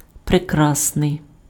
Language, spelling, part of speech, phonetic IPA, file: Ukrainian, прекрасний, adjective, [preˈkrasnei̯], Uk-прекрасний.ogg
- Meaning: very beautiful